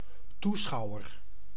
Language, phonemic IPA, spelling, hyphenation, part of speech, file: Dutch, /ˈtuˌsxɑu̯.ər/, toeschouwer, toe‧schou‧wer, noun, Nl-toeschouwer.ogg
- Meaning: spectator